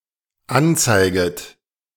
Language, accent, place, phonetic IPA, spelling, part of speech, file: German, Germany, Berlin, [ˈanˌt͡saɪ̯ɡət], anzeiget, verb, De-anzeiget.ogg
- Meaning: second-person plural dependent subjunctive I of anzeigen